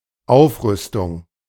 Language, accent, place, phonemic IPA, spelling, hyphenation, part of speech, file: German, Germany, Berlin, /ˈaʊ̯fʁʏstʊŋ/, Aufrüstung, Auf‧rüs‧tung, noun, De-Aufrüstung.ogg
- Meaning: armament